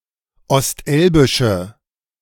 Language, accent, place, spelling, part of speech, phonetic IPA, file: German, Germany, Berlin, ostelbische, adjective, [ɔstˈʔɛlbɪʃə], De-ostelbische.ogg
- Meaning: inflection of ostelbisch: 1. strong/mixed nominative/accusative feminine singular 2. strong nominative/accusative plural 3. weak nominative all-gender singular